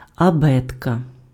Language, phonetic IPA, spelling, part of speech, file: Ukrainian, [ɐˈbɛtkɐ], абетка, noun, Uk-абетка.ogg
- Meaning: alphabet (an ordered set of letters used in a language)